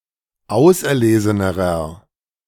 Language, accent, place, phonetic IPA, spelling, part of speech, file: German, Germany, Berlin, [ˈaʊ̯sʔɛɐ̯ˌleːzənəʁɐ], auserlesenerer, adjective, De-auserlesenerer.ogg
- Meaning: inflection of auserlesen: 1. strong/mixed nominative masculine singular comparative degree 2. strong genitive/dative feminine singular comparative degree 3. strong genitive plural comparative degree